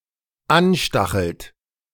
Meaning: inflection of anstacheln: 1. third-person singular dependent present 2. second-person plural dependent present
- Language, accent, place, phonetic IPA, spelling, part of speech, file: German, Germany, Berlin, [ˈanˌʃtaxl̩t], anstachelt, verb, De-anstachelt.ogg